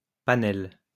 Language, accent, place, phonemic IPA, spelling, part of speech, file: French, France, Lyon, /pa.nɛl/, panel, noun, LL-Q150 (fra)-panel.wav
- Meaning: panel (group of people)